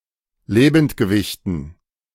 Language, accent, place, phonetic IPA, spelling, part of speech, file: German, Germany, Berlin, [ˈleːbn̩tɡəˌvɪçtn̩], Lebendgewichten, noun, De-Lebendgewichten.ogg
- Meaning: dative plural of Lebendgewicht